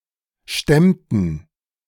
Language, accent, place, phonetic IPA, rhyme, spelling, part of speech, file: German, Germany, Berlin, [ˈʃtɛmtn̩], -ɛmtn̩, stemmten, verb, De-stemmten.ogg
- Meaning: inflection of stemmen: 1. first/third-person plural preterite 2. first/third-person plural subjunctive II